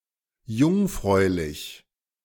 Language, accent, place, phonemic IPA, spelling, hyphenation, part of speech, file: German, Germany, Berlin, /ˈjʊŋˌfʁɔɪ̯lɪç/, jungfräulich, jung‧fräu‧lich, adjective, De-jungfräulich.ogg
- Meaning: virginal